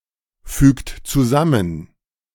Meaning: inflection of zusammenfügen: 1. second-person plural present 2. third-person singular present 3. plural imperative
- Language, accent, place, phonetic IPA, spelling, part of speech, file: German, Germany, Berlin, [ˌfyːkt t͡suˈzamən], fügt zusammen, verb, De-fügt zusammen.ogg